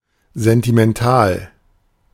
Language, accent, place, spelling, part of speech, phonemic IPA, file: German, Germany, Berlin, sentimental, adjective, /ˌzɛntimɛnˈtaːl/, De-sentimental.ogg
- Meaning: sentimental